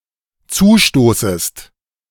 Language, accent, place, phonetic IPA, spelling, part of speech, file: German, Germany, Berlin, [ˈt͡suːˌʃtoːsəst], zustoßest, verb, De-zustoßest.ogg
- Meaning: second-person singular dependent subjunctive I of zustoßen